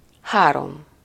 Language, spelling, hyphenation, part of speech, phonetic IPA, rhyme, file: Hungarian, három, há‧rom, numeral, [ˈhaːrom], -om, Hu-három.ogg
- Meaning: three